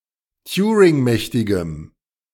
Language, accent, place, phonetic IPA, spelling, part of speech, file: German, Germany, Berlin, [ˈtjuːʁɪŋˌmɛçtɪɡəm], turingmächtigem, adjective, De-turingmächtigem.ogg
- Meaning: strong dative masculine/neuter singular of turingmächtig